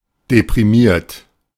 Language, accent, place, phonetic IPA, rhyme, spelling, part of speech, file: German, Germany, Berlin, [depʁiˈmiːɐ̯t], -iːɐ̯t, deprimiert, adjective / verb, De-deprimiert.ogg
- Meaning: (verb) past participle of deprimieren; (adjective) depressed